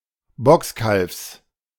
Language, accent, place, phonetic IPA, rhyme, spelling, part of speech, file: German, Germany, Berlin, [ˈbʁaksn̩], -aksn̩, Brachsen, noun, De-Brachsen.ogg
- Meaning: 1. plural of Brachse 2. alternative form of Brasse